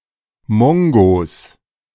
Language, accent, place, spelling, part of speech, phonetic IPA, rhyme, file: German, Germany, Berlin, Mongos, noun, [ˈmɔŋɡoːs], -ɔŋɡoːs, De-Mongos.ogg
- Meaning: plural of Mongo